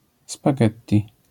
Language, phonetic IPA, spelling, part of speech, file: Polish, [spaˈɡɛttʲi], spaghetti, noun, LL-Q809 (pol)-spaghetti.wav